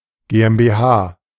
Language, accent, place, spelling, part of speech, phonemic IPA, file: German, Germany, Berlin, GmbH, noun, /ɡeː.ʔɛm.beːˈhaː/, De-GmbH.ogg
- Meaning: initialism of Gesellschaft mit beschränkter Haftung